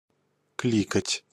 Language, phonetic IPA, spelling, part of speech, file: Russian, [ˈklʲikətʲ], кликать, verb, Ru-кликать.ogg
- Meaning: 1. to call (someone) 2. to click (to press the button on a mouse when using a computer)